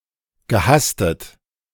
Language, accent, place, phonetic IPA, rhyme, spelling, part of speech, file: German, Germany, Berlin, [ɡəˈhastət], -astət, gehastet, verb, De-gehastet.ogg
- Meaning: past participle of hasten